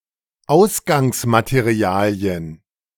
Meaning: plural of Ausgangsmaterial
- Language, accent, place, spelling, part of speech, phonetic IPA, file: German, Germany, Berlin, Ausgangsmaterialien, noun, [ˈaʊ̯sɡaŋsmateˌʁi̯aːli̯ən], De-Ausgangsmaterialien.ogg